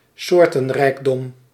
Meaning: biodiversity, diversity in species
- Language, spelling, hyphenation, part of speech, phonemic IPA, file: Dutch, soortenrijkdom, soor‧ten‧rijk‧dom, noun, /ˈsoːr.tə(n)ˌrɛi̯k.dɔm/, Nl-soortenrijkdom.ogg